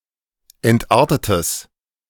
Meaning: strong/mixed nominative/accusative neuter singular of entartet
- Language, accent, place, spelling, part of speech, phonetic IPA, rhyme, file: German, Germany, Berlin, entartetes, adjective, [ˌɛntˈʔaʁtətəs], -aʁtətəs, De-entartetes.ogg